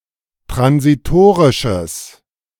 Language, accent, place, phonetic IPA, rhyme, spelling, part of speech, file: German, Germany, Berlin, [tʁansiˈtoːʁɪʃəs], -oːʁɪʃəs, transitorisches, adjective, De-transitorisches.ogg
- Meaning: strong/mixed nominative/accusative neuter singular of transitorisch